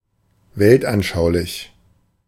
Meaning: ideological
- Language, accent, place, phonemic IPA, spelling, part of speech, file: German, Germany, Berlin, /ˈveltʔanˌʃaʊ̯lɪç/, weltanschaulich, adjective, De-weltanschaulich.ogg